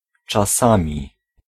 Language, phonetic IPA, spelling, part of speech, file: Polish, [t͡ʃaˈsãmʲi], czasami, adverb / noun, Pl-czasami.ogg